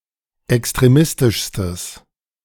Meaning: strong/mixed nominative/accusative neuter singular superlative degree of extremistisch
- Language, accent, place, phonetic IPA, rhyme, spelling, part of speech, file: German, Germany, Berlin, [ɛkstʁeˈmɪstɪʃstəs], -ɪstɪʃstəs, extremistischstes, adjective, De-extremistischstes.ogg